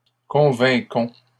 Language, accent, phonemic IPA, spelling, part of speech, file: French, Canada, /kɔ̃.vɛ̃.kɔ̃/, convainquons, verb, LL-Q150 (fra)-convainquons.wav
- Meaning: inflection of convaincre: 1. first-person plural present indicative 2. first-person plural imperative